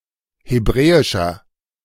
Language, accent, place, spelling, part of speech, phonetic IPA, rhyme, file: German, Germany, Berlin, hebräischer, adjective, [heˈbʁɛːɪʃɐ], -ɛːɪʃɐ, De-hebräischer.ogg
- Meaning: inflection of hebräisch: 1. strong/mixed nominative masculine singular 2. strong genitive/dative feminine singular 3. strong genitive plural